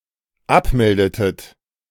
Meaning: inflection of abmelden: 1. second-person plural dependent preterite 2. second-person plural dependent subjunctive II
- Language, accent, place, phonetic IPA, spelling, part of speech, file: German, Germany, Berlin, [ˈapˌmɛldətət], abmeldetet, verb, De-abmeldetet.ogg